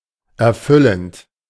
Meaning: present participle of erfüllen
- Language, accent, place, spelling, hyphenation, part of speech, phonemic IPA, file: German, Germany, Berlin, erfüllend, er‧fül‧lend, verb, /ɛʁˈfʏlənt/, De-erfüllend.ogg